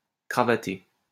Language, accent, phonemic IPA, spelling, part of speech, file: French, France, /kʁa.va.te/, cravaté, verb, LL-Q150 (fra)-cravaté.wav
- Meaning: past participle of cravater